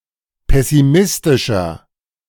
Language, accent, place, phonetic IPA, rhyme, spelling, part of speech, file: German, Germany, Berlin, [ˌpɛsiˈmɪstɪʃɐ], -ɪstɪʃɐ, pessimistischer, adjective, De-pessimistischer.ogg
- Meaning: 1. comparative degree of pessimistisch 2. inflection of pessimistisch: strong/mixed nominative masculine singular 3. inflection of pessimistisch: strong genitive/dative feminine singular